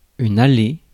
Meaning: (noun) 1. path, lane, allée 2. hallway (leading from the entrance of a house) 3. aisle (between rows of seats) 4. driveway 5. bowling lane
- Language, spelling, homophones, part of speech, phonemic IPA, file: French, allée, aller, noun / verb, /a.le/, Fr-allée.ogg